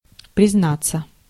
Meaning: 1. to confess, to admit 2. passive of призна́ть (priznátʹ) 3. to reveal / disclose personal information (usually in reply)
- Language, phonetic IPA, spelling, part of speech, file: Russian, [prʲɪzˈnat͡sːə], признаться, verb, Ru-признаться.ogg